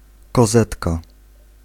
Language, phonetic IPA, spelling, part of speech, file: Polish, [kɔˈzɛtka], kozetka, noun, Pl-kozetka.ogg